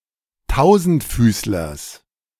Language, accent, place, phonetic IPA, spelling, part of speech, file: German, Germany, Berlin, [ˈtaʊ̯zn̩tˌfyːslɐs], Tausendfüßlers, noun, De-Tausendfüßlers.ogg
- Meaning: genitive singular of Tausendfüßler